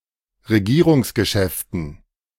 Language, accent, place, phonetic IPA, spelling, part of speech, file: German, Germany, Berlin, [ʁeˈɡiːʁʊŋsɡəˌʃɛftn̩], Regierungsgeschäften, noun, De-Regierungsgeschäften.ogg
- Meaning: dative of Regierungsgeschäfte